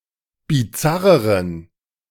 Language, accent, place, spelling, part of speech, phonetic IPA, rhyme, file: German, Germany, Berlin, bizarreren, adjective, [biˈt͡saʁəʁən], -aʁəʁən, De-bizarreren.ogg
- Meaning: inflection of bizarr: 1. strong genitive masculine/neuter singular comparative degree 2. weak/mixed genitive/dative all-gender singular comparative degree